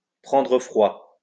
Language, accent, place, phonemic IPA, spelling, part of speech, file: French, France, Lyon, /pʁɑ̃.dʁə fʁwa/, prendre froid, verb, LL-Q150 (fra)-prendre froid.wav
- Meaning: to catch a cold